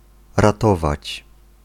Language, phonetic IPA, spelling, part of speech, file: Polish, [raˈtɔvat͡ɕ], ratować, verb, Pl-ratować.ogg